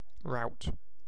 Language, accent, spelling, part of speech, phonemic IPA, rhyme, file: English, Received Pronunciation, rout, noun / verb, /ɹaʊt/, -aʊt, En-uk-rout.ogg
- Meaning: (noun) A group of people; a crowd, a throng, a troop; in particular (archaic), a group of people accompanying or travelling with someone